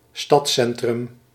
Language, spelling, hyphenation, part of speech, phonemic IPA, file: Dutch, stadscentrum, stads‧cen‧trum, noun, /ˈstɑtˌsɛn.trʏm/, Nl-stadscentrum.ogg
- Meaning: city center